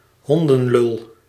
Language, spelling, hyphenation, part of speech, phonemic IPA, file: Dutch, hondenlul, hon‧den‧lul, noun, /ˈɦɔn.də(n)ˌlʏl/, Nl-hondenlul.ogg
- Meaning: 1. dick, asshole, prick (usually used for males) 2. canine dick, dog penis